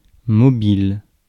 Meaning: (adjective) 1. mobile 2. moving 3. movable; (noun) 1. moving body 2. mobile (decoration) 3. motive (for an action, for a crime) 4. mobile phone; ellipsis of téléphone mobile
- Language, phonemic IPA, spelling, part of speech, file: French, /mɔ.bil/, mobile, adjective / noun, Fr-mobile.ogg